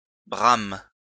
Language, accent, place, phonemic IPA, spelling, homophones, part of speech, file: French, France, Lyon, /bʁam/, brame, brament / brames, verb, LL-Q150 (fra)-brame.wav
- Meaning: inflection of bramer: 1. first/third-person singular present indicative/subjunctive 2. second-person singular imperative